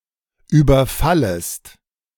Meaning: second-person singular subjunctive I of überfallen
- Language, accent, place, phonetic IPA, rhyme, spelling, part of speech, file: German, Germany, Berlin, [ˌyːbɐˈfaləst], -aləst, überfallest, verb, De-überfallest.ogg